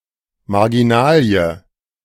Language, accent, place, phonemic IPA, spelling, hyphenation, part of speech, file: German, Germany, Berlin, /maʁɡiˈnaːli̯ə/, Marginalie, Mar‧gi‧na‧lie, noun, De-Marginalie.ogg
- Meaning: marginalia